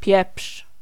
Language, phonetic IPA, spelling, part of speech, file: Polish, [pʲjɛpʃ], pieprz, noun / verb, Pl-pieprz.ogg